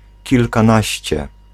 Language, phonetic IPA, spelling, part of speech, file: Polish, [ˌcilkãˈnaɕt͡ɕɛ], kilkanaście, numeral, Pl-kilkanaście.ogg